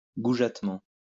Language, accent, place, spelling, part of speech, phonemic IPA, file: French, France, Lyon, goujatement, adverb, /ɡu.ʒat.mɑ̃/, LL-Q150 (fra)-goujatement.wav
- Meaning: crudely offensively